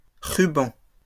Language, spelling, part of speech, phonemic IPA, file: French, rubans, noun, /ʁy.bɑ̃/, LL-Q150 (fra)-rubans.wav
- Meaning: plural of ruban